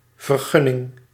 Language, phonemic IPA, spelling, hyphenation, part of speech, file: Dutch, /vərˈɣʏ.nɪŋ/, vergunning, ver‧gun‧ning, noun, Nl-vergunning.ogg
- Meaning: a permit, license: authorization by an authority to do something which is otherwise forbidden